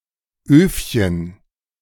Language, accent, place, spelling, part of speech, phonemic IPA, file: German, Germany, Berlin, Öfchen, noun, /ˈøːfçən/, De-Öfchen.ogg
- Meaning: diminutive of Ofen